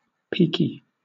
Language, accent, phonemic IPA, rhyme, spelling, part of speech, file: English, Southern England, /ˈpiːki/, -iːki, peaky, adjective, LL-Q1860 (eng)-peaky.wav
- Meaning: 1. Sickly; peaked 2. Characterised by peaks